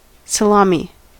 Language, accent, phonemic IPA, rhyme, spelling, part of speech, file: English, US, /ˌsəˈlɑmi/, -ɑːmi, salami, noun, En-us-salami.ogg
- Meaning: 1. A large cured meat sausage of Italian origin, served in slices 2. A grand slam 3. The penis